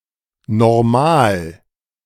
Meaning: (adjective) ordinary, normal; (adverb) 1. ordinarily, normally, in a normal fashion 2. alternative form of normalerweise: usually, normally, in general
- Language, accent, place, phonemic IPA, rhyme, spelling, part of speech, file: German, Germany, Berlin, /nɔrˈmaːl/, -aːl, normal, adjective / adverb / interjection, De-normal.ogg